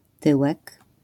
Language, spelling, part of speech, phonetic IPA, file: Polish, tyłek, noun, [ˈtɨwɛk], LL-Q809 (pol)-tyłek.wav